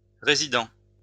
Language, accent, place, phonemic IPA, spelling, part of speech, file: French, France, Lyon, /ʁe.zi.dɑ̃/, résidant, adjective / verb, LL-Q150 (fra)-résidant.wav
- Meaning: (adjective) residing; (verb) present participle of résider